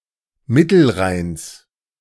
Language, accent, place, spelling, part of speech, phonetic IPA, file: German, Germany, Berlin, Mittelrheins, noun, [ˈmɪtl̩ˌʁaɪ̯ns], De-Mittelrheins.ogg
- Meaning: genitive singular of Mittelrhein